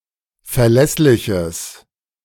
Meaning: strong/mixed nominative/accusative neuter singular of verlässlich
- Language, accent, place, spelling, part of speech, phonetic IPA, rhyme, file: German, Germany, Berlin, verlässliches, adjective, [fɛɐ̯ˈlɛslɪçəs], -ɛslɪçəs, De-verlässliches.ogg